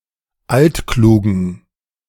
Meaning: inflection of altklug: 1. strong/mixed nominative masculine singular 2. strong genitive/dative feminine singular 3. strong genitive plural
- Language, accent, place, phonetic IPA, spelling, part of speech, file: German, Germany, Berlin, [ˈaltˌkluːɡɐ], altkluger, adjective, De-altkluger.ogg